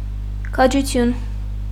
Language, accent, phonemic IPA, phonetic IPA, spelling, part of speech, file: Armenian, Eastern Armenian, /kʰɑd͡ʒuˈtʰjun/, [kʰɑd͡ʒut͡sʰjún], քաջություն, noun, Hy-քաջություն.ogg
- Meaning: bravery, courage, valour